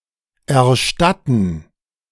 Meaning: to pay back [with accusative ‘something’ and dative ‘to someone’] (also idiomatically translated by English reimburse or English refund (someone for something))
- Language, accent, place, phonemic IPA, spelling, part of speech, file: German, Germany, Berlin, /ɛɐ̯ˈʃtatn̩/, erstatten, verb, De-erstatten.ogg